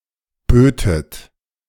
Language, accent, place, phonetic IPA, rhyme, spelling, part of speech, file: German, Germany, Berlin, [ˈbøːtət], -øːtət, bötet, verb, De-bötet.ogg
- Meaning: second-person plural subjunctive II of bieten